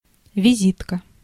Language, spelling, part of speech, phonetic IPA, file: Russian, визитка, noun, [vʲɪˈzʲitkə], Ru-визитка.ogg
- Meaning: 1. business card 2. morning coat